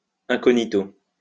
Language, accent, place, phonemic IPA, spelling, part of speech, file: French, France, Lyon, /ɛ̃.kɔ.ɲi.to/, incognito, adverb / adjective / noun, LL-Q150 (fra)-incognito.wav
- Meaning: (adverb) incognito